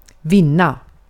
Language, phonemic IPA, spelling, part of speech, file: Swedish, /²vɪna/, vinna, verb, Sv-vinna.ogg
- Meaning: 1. to win, to defeat, to beat 2. to gain, to make a net profit, to receive as a benefit